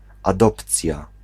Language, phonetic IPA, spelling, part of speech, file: Polish, [aˈdɔpt͡sʲja], adopcja, noun, Pl-adopcja.ogg